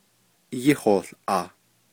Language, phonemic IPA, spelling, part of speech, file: Navajo, /jɪ́hòːɬʔɑ̀ːh/, yíhoołʼaah, verb, Nv-yíhoołʼaah.ogg
- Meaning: to learn it, to study it